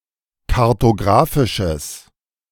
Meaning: strong/mixed nominative/accusative neuter singular of kartografisch
- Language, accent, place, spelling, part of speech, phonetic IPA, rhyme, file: German, Germany, Berlin, kartografisches, adjective, [kaʁtoˈɡʁaːfɪʃəs], -aːfɪʃəs, De-kartografisches.ogg